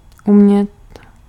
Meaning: 1. can (to be able) 2. to speak, to understand (object: language)
- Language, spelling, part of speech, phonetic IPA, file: Czech, umět, verb, [ˈumɲɛt], Cs-umět.ogg